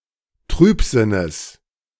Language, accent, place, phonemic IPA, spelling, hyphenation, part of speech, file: German, Germany, Berlin, /ˈtʁyːpˌzɪnəs/, Trübsinnes, Trüb‧sin‧nes, noun, De-Trübsinnes.ogg
- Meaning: genitive singular of Trübsinn